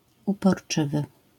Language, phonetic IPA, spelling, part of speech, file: Polish, [ˌupɔrˈt͡ʃɨvɨ], uporczywy, adjective, LL-Q809 (pol)-uporczywy.wav